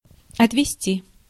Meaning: to take away (by vehicle), to drive away, to take (someone or something by vehicle)
- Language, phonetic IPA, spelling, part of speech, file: Russian, [ɐtvʲɪˈsʲtʲi], отвезти, verb, Ru-отвезти.ogg